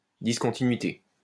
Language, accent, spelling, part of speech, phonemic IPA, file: French, France, discontinuité, noun, /dis.kɔ̃.ti.nɥi.te/, LL-Q150 (fra)-discontinuité.wav
- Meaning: discontinuity